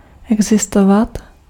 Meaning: to exist (to be out there)
- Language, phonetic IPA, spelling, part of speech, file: Czech, [ˈɛɡzɪstovat], existovat, verb, Cs-existovat.ogg